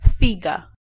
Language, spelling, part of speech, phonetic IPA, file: Polish, figa, noun, [ˈfʲiɡa], Pl-figa.ogg